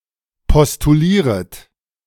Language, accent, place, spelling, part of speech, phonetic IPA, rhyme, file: German, Germany, Berlin, postulieret, verb, [pɔstuˈliːʁət], -iːʁət, De-postulieret.ogg
- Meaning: second-person plural subjunctive I of postulieren